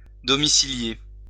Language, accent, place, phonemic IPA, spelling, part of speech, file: French, France, Lyon, /dɔ.mi.si.lje/, domicilier, verb, LL-Q150 (fra)-domicilier.wav
- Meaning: to reside, to have as a home